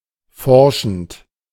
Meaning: present participle of forschen
- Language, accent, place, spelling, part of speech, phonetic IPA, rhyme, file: German, Germany, Berlin, forschend, verb, [ˈfɔʁʃn̩t], -ɔʁʃn̩t, De-forschend.ogg